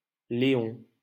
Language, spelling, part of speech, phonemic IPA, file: French, Léon, proper noun, /le.ɔ̃/, LL-Q150 (fra)-Léon.wav
- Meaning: 1. Leon (a historic region of Brittany, in northwestern France) 2. Léon (a commune of Landes department, Nouvelle-Aquitaine, in southwestern France)